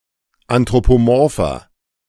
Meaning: inflection of anthropomorph: 1. strong/mixed nominative masculine singular 2. strong genitive/dative feminine singular 3. strong genitive plural
- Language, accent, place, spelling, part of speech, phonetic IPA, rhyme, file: German, Germany, Berlin, anthropomorpher, adjective, [antʁopoˈmɔʁfɐ], -ɔʁfɐ, De-anthropomorpher.ogg